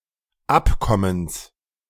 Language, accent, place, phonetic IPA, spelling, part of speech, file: German, Germany, Berlin, [ˈapkɔməns], Abkommens, noun, De-Abkommens.ogg
- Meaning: genitive singular of Abkommen